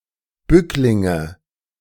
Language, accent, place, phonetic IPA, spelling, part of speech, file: German, Germany, Berlin, [ˈbʏklɪŋə], Bücklinge, noun, De-Bücklinge.ogg
- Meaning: nominative/accusative/genitive plural of Bückling